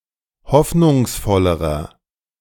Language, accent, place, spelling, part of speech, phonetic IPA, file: German, Germany, Berlin, hoffnungsvollerer, adjective, [ˈhɔfnʊŋsˌfɔləʁɐ], De-hoffnungsvollerer.ogg
- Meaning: inflection of hoffnungsvoll: 1. strong/mixed nominative masculine singular comparative degree 2. strong genitive/dative feminine singular comparative degree